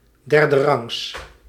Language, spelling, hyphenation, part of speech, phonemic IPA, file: Dutch, derderangs, der‧de‧rangs, adjective, /ˌdɛr.dəˈrɑŋs/, Nl-derderangs.ogg
- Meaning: of inferior quality, mediocre